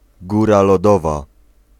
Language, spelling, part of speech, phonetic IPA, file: Polish, góra lodowa, noun, [ˈɡura lɔˈdɔva], Pl-góra lodowa.ogg